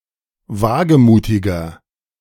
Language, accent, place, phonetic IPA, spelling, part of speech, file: German, Germany, Berlin, [ˈvaːɡəˌmuːtɪɡɐ], wagemutiger, adjective, De-wagemutiger.ogg
- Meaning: 1. comparative degree of wagemutig 2. inflection of wagemutig: strong/mixed nominative masculine singular 3. inflection of wagemutig: strong genitive/dative feminine singular